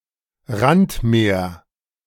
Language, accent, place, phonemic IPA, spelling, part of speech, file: German, Germany, Berlin, /ˈʁantˌmeːɐ̯/, Randmeer, noun, De-Randmeer.ogg
- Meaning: marginal sea